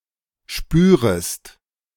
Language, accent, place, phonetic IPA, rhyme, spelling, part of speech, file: German, Germany, Berlin, [ˈʃpyːʁəst], -yːʁəst, spürest, verb, De-spürest.ogg
- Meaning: second-person singular subjunctive I of spüren